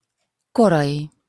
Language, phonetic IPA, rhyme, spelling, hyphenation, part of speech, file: Hungarian, [ˈkorɒji], -ji, korai, ko‧rai, adjective / noun, Hu-korai.opus
- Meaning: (adjective) early, premature; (noun) third-person singular multiple-possession possessive of kor